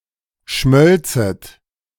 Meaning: second-person plural subjunctive II of schmelzen
- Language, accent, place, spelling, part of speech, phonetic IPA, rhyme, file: German, Germany, Berlin, schmölzet, verb, [ˈʃmœlt͡sət], -œlt͡sət, De-schmölzet.ogg